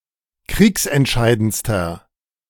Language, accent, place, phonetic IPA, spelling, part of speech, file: German, Germany, Berlin, [ˈkʁiːksɛntˌʃaɪ̯dənt͡stɐ], kriegsentscheidendster, adjective, De-kriegsentscheidendster.ogg
- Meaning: inflection of kriegsentscheidend: 1. strong/mixed nominative masculine singular superlative degree 2. strong genitive/dative feminine singular superlative degree